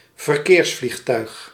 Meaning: commercial airliner, civilian airliner
- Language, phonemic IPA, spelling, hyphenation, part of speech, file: Dutch, /vərˈkeːrs.flixˌtœy̯x/, verkeersvliegtuig, ver‧keers‧vlieg‧tuig, noun, Nl-verkeersvliegtuig.ogg